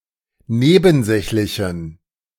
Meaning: inflection of nebensächlich: 1. strong genitive masculine/neuter singular 2. weak/mixed genitive/dative all-gender singular 3. strong/weak/mixed accusative masculine singular 4. strong dative plural
- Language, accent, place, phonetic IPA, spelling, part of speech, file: German, Germany, Berlin, [ˈneːbn̩ˌzɛçlɪçn̩], nebensächlichen, adjective, De-nebensächlichen.ogg